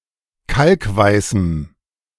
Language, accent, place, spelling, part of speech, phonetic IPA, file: German, Germany, Berlin, kalkweißem, adjective, [ˈkalkˌvaɪ̯sm̩], De-kalkweißem.ogg
- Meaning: strong dative masculine/neuter singular of kalkweiß